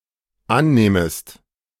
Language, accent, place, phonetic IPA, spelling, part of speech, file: German, Germany, Berlin, [ˈanˌnɛːməst], annähmest, verb, De-annähmest.ogg
- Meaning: second-person singular dependent subjunctive II of annehmen